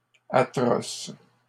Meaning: plural of atroce
- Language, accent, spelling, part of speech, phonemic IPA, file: French, Canada, atroces, adjective, /a.tʁɔs/, LL-Q150 (fra)-atroces.wav